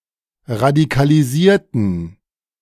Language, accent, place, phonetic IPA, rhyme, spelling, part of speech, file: German, Germany, Berlin, [ʁadikaliˈziːɐ̯tn̩], -iːɐ̯tn̩, radikalisierten, adjective / verb, De-radikalisierten.ogg
- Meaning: inflection of radikalisieren: 1. first/third-person plural preterite 2. first/third-person plural subjunctive II